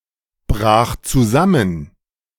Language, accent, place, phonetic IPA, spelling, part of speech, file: German, Germany, Berlin, [ˌbʁaːx t͡suˈzamən], brach zusammen, verb, De-brach zusammen.ogg
- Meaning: first/third-person singular preterite of zusammenbrechen